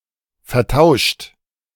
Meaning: 1. past participle of vertauschen 2. inflection of vertauschen: third-person singular present 3. inflection of vertauschen: second-person plural present 4. inflection of vertauschen: plural imperative
- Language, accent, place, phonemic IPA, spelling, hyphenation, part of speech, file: German, Germany, Berlin, /fɛɐ̯ˈtaʊ̯ʃt/, vertauscht, ver‧tau‧scht, verb, De-vertauscht.ogg